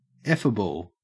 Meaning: 1. Able to be spoken of; able to be expressed 2. Fuckable; sexually attractive
- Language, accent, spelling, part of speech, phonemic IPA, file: English, Australia, effable, adjective, /ˈɛfəbl̩/, En-au-effable.ogg